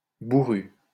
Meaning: surly; gruff
- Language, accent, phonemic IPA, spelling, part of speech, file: French, France, /bu.ʁy/, bourru, adjective, LL-Q150 (fra)-bourru.wav